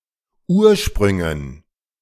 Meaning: dative plural of Ursprung
- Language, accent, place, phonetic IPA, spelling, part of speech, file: German, Germany, Berlin, [ˈuːɐ̯ˌʃpʁʏŋən], Ursprüngen, noun, De-Ursprüngen.ogg